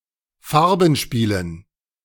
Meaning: dative plural of Farbenspiel
- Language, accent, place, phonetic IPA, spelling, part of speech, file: German, Germany, Berlin, [ˈfaʁbn̩ˌʃpiːlən], Farbenspielen, noun, De-Farbenspielen.ogg